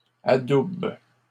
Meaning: second-person singular present indicative/subjunctive of adouber
- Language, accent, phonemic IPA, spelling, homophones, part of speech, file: French, Canada, /a.dub/, adoubes, adoube / adoubent, verb, LL-Q150 (fra)-adoubes.wav